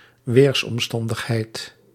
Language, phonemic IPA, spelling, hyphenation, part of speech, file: Dutch, /ˈʋeːrs.ɔmˌstɑn.dəx.ɦɛi̯t/, weersomstandigheid, weers‧om‧stan‧dig‧heid, noun, Nl-weersomstandigheid.ogg
- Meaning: weather condition